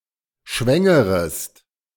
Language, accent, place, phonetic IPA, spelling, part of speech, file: German, Germany, Berlin, [ˈʃvɛŋəʁəst], schwängerest, verb, De-schwängerest.ogg
- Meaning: second-person singular subjunctive I of schwängern